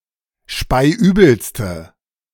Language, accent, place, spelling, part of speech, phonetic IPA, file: German, Germany, Berlin, speiübelste, adjective, [ˈʃpaɪ̯ˈʔyːbl̩stə], De-speiübelste.ogg
- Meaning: inflection of speiübel: 1. strong/mixed nominative/accusative feminine singular superlative degree 2. strong nominative/accusative plural superlative degree